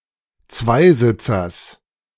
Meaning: genitive singular of Zweisitzer
- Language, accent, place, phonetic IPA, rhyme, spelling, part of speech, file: German, Germany, Berlin, [ˈt͡svaɪ̯ˌzɪt͡sɐs], -aɪ̯zɪt͡sɐs, Zweisitzers, noun, De-Zweisitzers.ogg